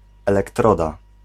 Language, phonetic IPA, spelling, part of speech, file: Polish, [ˌɛlɛkˈtrɔda], elektroda, noun, Pl-elektroda.ogg